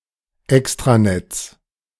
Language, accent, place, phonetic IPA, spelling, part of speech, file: German, Germany, Berlin, [ˈɛkstʁaˌnɛt͡s], Extranets, noun, De-Extranets.ogg
- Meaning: 1. genitive singular of Extranet 2. plural of Extranet